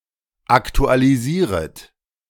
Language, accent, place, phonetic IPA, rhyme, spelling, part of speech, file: German, Germany, Berlin, [ˌaktualiˈziːʁət], -iːʁət, aktualisieret, verb, De-aktualisieret.ogg
- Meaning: second-person plural subjunctive I of aktualisieren